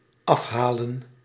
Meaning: to pick up, take away (of e.g. a placed order)
- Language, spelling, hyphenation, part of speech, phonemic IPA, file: Dutch, afhalen, af‧ha‧len, verb, /ˈɑfɦaːlə(n)/, Nl-afhalen.ogg